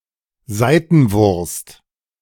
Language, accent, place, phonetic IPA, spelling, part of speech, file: German, Germany, Berlin, [ˈzaɪ̯tn̩ˌvʊʁst], Saitenwurst, noun, De-Saitenwurst.ogg
- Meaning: Vienna sausage